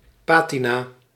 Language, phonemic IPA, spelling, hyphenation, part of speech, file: Dutch, /ˈpatina/, patina, pa‧ti‧na, noun, Nl-patina.ogg
- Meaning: patina: the color or incrustation which age gives to works of art; especially, the green oxidation which covers aging coppers, bronzes, coins and medals